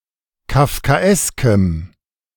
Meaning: strong dative masculine/neuter singular of kafkaesk
- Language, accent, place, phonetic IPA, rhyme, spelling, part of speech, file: German, Germany, Berlin, [kafkaˈʔɛskəm], -ɛskəm, kafkaeskem, adjective, De-kafkaeskem.ogg